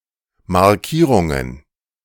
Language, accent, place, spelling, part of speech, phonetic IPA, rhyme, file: German, Germany, Berlin, Markierungen, noun, [maʁˈkiːʁʊŋən], -iːʁʊŋən, De-Markierungen.ogg
- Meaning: plural of Markierung